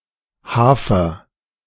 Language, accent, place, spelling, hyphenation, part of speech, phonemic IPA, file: German, Germany, Berlin, Hafer, Ha‧fer, noun, /ˈhaːfɐ/, De-Hafer2.ogg
- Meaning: oats